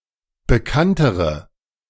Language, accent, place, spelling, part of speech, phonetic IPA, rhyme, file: German, Germany, Berlin, bekanntere, adjective, [bəˈkantəʁə], -antəʁə, De-bekanntere.ogg
- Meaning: inflection of bekannt: 1. strong/mixed nominative/accusative feminine singular comparative degree 2. strong nominative/accusative plural comparative degree